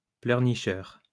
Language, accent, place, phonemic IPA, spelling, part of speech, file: French, France, Lyon, /plœʁ.ni.ʃœʁ/, pleurnicheur, noun, LL-Q150 (fra)-pleurnicheur.wav
- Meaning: sniveller